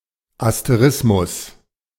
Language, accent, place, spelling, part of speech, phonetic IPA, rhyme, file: German, Germany, Berlin, Asterismus, noun, [asteˈʁɪsmʊs], -ɪsmʊs, De-Asterismus.ogg
- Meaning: 1. constellation, asterism (group of stars) 2. asterism